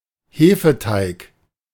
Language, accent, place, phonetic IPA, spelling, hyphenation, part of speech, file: German, Germany, Berlin, [ˈheːfəˌtaɪ̯k], Hefeteig, He‧fe‧teig, noun, De-Hefeteig.ogg
- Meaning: leavened dough, yeast dough